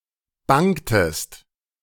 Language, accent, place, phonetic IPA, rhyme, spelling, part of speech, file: German, Germany, Berlin, [ˈbaŋtəst], -aŋtəst, bangtest, verb, De-bangtest.ogg
- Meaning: inflection of bangen: 1. second-person singular preterite 2. second-person singular subjunctive II